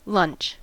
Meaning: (noun) 1. A light meal usually eaten around midday, notably when not as main meal of the day 2. A break in play between the first and second sessions
- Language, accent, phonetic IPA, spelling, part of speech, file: English, General American, [lʌ̃nt͡ʃ], lunch, noun / verb, En-us-lunch.ogg